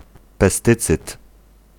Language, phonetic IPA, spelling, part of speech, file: Polish, [pɛˈstɨt͡sɨt], pestycyd, noun, Pl-pestycyd.ogg